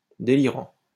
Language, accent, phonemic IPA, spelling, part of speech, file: French, France, /de.li.ʁɑ̃/, délirant, adjective / verb, LL-Q150 (fra)-délirant.wav
- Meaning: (adjective) 1. delirious 2. unbelievable, insane, crazy; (verb) present participle of délirer